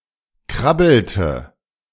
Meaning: inflection of krabbeln: 1. first/third-person singular preterite 2. first/third-person singular subjunctive II
- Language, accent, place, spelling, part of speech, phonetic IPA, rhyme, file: German, Germany, Berlin, krabbelte, verb, [ˈkʁabl̩tə], -abl̩tə, De-krabbelte.ogg